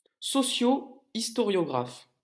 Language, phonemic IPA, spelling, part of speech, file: French, /is.tɔ.ʁjɔ.ɡʁaf/, historiographe, noun, LL-Q150 (fra)-historiographe.wav
- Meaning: historiographer